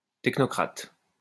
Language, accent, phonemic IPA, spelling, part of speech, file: French, France, /tɛk.nɔ.kʁat/, technocrate, noun, LL-Q150 (fra)-technocrate.wav
- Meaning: technocrat